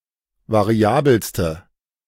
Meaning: inflection of variabel: 1. strong/mixed nominative/accusative feminine singular superlative degree 2. strong nominative/accusative plural superlative degree
- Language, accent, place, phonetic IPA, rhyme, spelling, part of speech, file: German, Germany, Berlin, [vaˈʁi̯aːbl̩stə], -aːbl̩stə, variabelste, adjective, De-variabelste.ogg